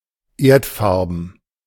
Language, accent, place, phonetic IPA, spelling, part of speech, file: German, Germany, Berlin, [ˈeːɐ̯tˌfaʁbn̩], erdfarben, adjective, De-erdfarben.ogg
- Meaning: earthy in colour